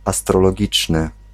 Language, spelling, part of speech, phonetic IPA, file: Polish, astrologiczny, adjective, [ˌastrɔlɔˈɟit͡ʃnɨ], Pl-astrologiczny.ogg